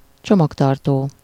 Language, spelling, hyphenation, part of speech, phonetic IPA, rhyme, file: Hungarian, csomagtartó, cso‧mag‧tar‧tó, noun, [ˈt͡ʃomɒktɒrtoː], -toː, Hu-csomagtartó.ogg
- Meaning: trunk (US), boot (UK); the luggage storage compartment of a sedan or saloon car